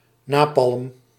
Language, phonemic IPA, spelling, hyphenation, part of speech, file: Dutch, /ˈnaː.pɑlm/, napalm, na‧palm, noun, Nl-napalm.ogg
- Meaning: napalm